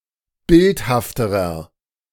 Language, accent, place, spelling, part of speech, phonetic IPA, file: German, Germany, Berlin, bildhafterer, adjective, [ˈbɪlthaftəʁɐ], De-bildhafterer.ogg
- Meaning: inflection of bildhaft: 1. strong/mixed nominative masculine singular comparative degree 2. strong genitive/dative feminine singular comparative degree 3. strong genitive plural comparative degree